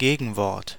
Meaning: antonym; opposite
- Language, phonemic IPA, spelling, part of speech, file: German, /ˈɡeːɡn̩ˌvɔʁt/, Gegenwort, noun, De-Gegenwort.ogg